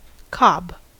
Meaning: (noun) 1. A corncob 2. The seed-bearing head of a plant 3. Clipping of cobnut 4. A male swan 5. A gull, especially the black-backed gull (Larus marinus); also spelled cobb
- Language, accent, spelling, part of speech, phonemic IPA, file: English, US, cob, noun / verb, /kɑb/, En-us-cob.ogg